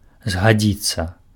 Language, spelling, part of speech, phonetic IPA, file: Belarusian, згадзіцца, verb, [zɡaˈd͡zʲit͡sːa], Be-згадзіцца.ogg
- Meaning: to agree